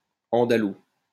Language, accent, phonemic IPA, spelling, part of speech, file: French, France, /ɑ̃.da.lu/, andalou, adjective, LL-Q150 (fra)-andalou.wav
- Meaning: Andalusian (of, from or relating to the autonomous community of Andalusia, Spain)